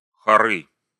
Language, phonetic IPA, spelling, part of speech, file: Russian, [xɐˈrɨ], хоры, noun, Ru-хоры.ogg
- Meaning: nominative/accusative plural of хор (xor)